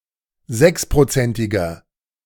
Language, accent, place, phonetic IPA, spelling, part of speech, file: German, Germany, Berlin, [ˈzɛkspʁoˌt͡sɛntɪɡɐ], sechsprozentiger, adjective, De-sechsprozentiger.ogg
- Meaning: inflection of sechsprozentig: 1. strong/mixed nominative masculine singular 2. strong genitive/dative feminine singular 3. strong genitive plural